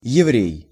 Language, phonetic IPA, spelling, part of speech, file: Russian, [(j)ɪˈvrʲej], еврей, noun, Ru-еврей.ogg
- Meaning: Jew, Hebrew